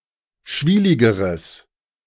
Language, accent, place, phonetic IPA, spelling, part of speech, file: German, Germany, Berlin, [ˈʃviːlɪɡəʁəs], schwieligeres, adjective, De-schwieligeres.ogg
- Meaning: strong/mixed nominative/accusative neuter singular comparative degree of schwielig